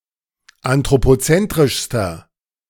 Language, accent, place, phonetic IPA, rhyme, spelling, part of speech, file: German, Germany, Berlin, [antʁopoˈt͡sɛntʁɪʃstɐ], -ɛntʁɪʃstɐ, anthropozentrischster, adjective, De-anthropozentrischster.ogg
- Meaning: inflection of anthropozentrisch: 1. strong/mixed nominative masculine singular superlative degree 2. strong genitive/dative feminine singular superlative degree